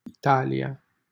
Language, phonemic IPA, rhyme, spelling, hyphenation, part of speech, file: Romanian, /iˈta.li.a/, -alia, Italia, I‧ta‧li‧a, proper noun, LL-Q7913 (ron)-Italia.wav
- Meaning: Italy (a country in Southern Europe)